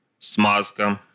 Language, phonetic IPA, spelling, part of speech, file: Russian, [ˈsmaskə], смазка, noun, Ru-смазка.ogg
- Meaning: 1. smearing, greasing, oiling, lubrication 2. lubricant